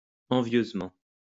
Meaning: enviously; jealously
- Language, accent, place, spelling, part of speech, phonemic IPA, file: French, France, Lyon, envieusement, adverb, /ɑ̃.vjøz.mɑ̃/, LL-Q150 (fra)-envieusement.wav